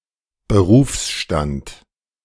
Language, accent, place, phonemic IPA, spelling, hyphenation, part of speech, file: German, Germany, Berlin, /bəˈʁuːfsˌʃtant/, Berufsstand, Be‧rufs‧stand, noun, De-Berufsstand.ogg
- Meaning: profession